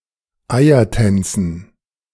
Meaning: dative plural of Eiertanz
- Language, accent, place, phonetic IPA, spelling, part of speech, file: German, Germany, Berlin, [ˈaɪ̯ɐˌtɛnt͡sn̩], Eiertänzen, noun, De-Eiertänzen.ogg